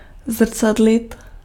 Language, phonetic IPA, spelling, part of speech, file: Czech, [ˈzr̩t͡sadlɪt], zrcadlit, verb, Cs-zrcadlit.ogg
- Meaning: to reflect (to mirror, or show the image of something)